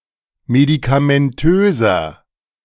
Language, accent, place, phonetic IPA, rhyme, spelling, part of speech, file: German, Germany, Berlin, [medikamɛnˈtøːzɐ], -øːzɐ, medikamentöser, adjective, De-medikamentöser.ogg
- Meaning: inflection of medikamentös: 1. strong/mixed nominative masculine singular 2. strong genitive/dative feminine singular 3. strong genitive plural